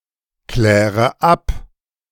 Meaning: inflection of abklären: 1. first-person singular present 2. first/third-person singular subjunctive I 3. singular imperative
- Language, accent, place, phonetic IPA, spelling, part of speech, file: German, Germany, Berlin, [ˌklɛːʁə ˈap], kläre ab, verb, De-kläre ab.ogg